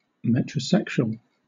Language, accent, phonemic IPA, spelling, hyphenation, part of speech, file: English, Southern England, /ˌmɛtɹəˈsɛkʃuəl/, metrosexual, met‧ro‧sex‧u‧al, noun / adjective, LL-Q1860 (eng)-metrosexual.wav
- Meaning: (noun) A man — typically urban, heterosexual, and affluent — who is concerned with personal appearance, such as personal grooming, fashion, and aesthetics in general